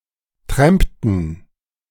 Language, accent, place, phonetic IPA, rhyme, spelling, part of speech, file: German, Germany, Berlin, [ˈtʁɛmptn̩], -ɛmptn̩, trampten, verb, De-trampten.ogg
- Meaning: inflection of trampen: 1. first/third-person plural preterite 2. first/third-person plural subjunctive II